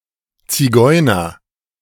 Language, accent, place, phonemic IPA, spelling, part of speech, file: German, Germany, Berlin, /t͡siˈɡɔɪ̯nɐ/, Zigeuner, noun, De-Zigeuner.ogg
- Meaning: 1. Gypsy, member of the Roma, Romani person 2. member of any of several other nomadic minorities 3. disorderly, lazy or dodgy person 4. bohemian; unconventional or nonconformist artist or writer